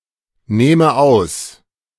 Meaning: inflection of ausnehmen: 1. first-person singular present 2. first/third-person singular subjunctive I
- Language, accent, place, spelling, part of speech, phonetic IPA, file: German, Germany, Berlin, nehme aus, verb, [ˌneːmə ˈaʊ̯s], De-nehme aus.ogg